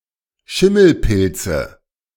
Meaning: nominative/accusative/genitive plural of Schimmelpilz
- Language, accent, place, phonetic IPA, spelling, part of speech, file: German, Germany, Berlin, [ˈʃɪml̩ˌpɪlt͡sə], Schimmelpilze, noun, De-Schimmelpilze.ogg